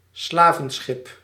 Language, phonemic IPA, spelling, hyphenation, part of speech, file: Dutch, /ˈslaː.və(n)ˌsxɪp/, slavenschip, sla‧ven‧schip, noun, Nl-slavenschip.ogg
- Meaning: a slave ship, a slaver